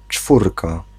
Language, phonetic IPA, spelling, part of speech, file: Polish, [ˈt͡ʃfurka], czwórka, noun, Pl-czwórka.ogg